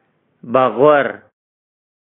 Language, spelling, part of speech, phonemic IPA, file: Pashto, بغور, noun, /bəˈɣwər/, Ps-بغور.oga
- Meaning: cheek